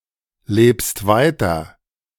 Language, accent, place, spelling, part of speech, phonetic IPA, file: German, Germany, Berlin, lebst weiter, verb, [ˌleːpst ˈvaɪ̯tɐ], De-lebst weiter.ogg
- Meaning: second-person singular present of weiterleben